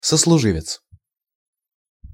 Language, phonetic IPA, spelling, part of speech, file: Russian, [səsɫʊˈʐɨvʲɪt͡s], сослуживец, noun, Ru-сослуживец.ogg
- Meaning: colleague (fellow member of a profession)